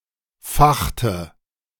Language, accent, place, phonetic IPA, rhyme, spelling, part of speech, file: German, Germany, Berlin, [ˈfaxtə], -axtə, fachte, verb, De-fachte.ogg
- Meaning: inflection of fachen: 1. first/third-person singular preterite 2. first/third-person singular subjunctive II